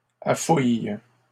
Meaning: inflection of affouiller: 1. first/third-person singular present indicative/subjunctive 2. second-person singular imperative
- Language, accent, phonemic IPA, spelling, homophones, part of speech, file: French, Canada, /a.fuj/, affouille, affouillent / affouilles, verb, LL-Q150 (fra)-affouille.wav